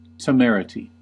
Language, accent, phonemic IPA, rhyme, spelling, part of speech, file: English, US, /təˈmɛɹ.ə.ti/, -ɛɹəti, temerity, noun, En-us-temerity.ogg
- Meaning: 1. Reckless boldness; foolish bravery 2. An act or case of reckless boldness 3. Effrontery; impudence